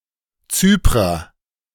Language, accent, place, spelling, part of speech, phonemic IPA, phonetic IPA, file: German, Germany, Berlin, Zyprer, noun, /ˈtsyːpʁəʁ/, [ˈtsyːpʁɐ], De-Zyprer.ogg
- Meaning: Cypriot (A person from Cyprus or of Cypriotic descent)